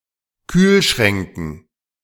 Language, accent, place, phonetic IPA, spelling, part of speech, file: German, Germany, Berlin, [ˈkyːlˌʃʁɛŋkn̩], Kühlschränken, noun, De-Kühlschränken.ogg
- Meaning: dative plural of Kühlschrank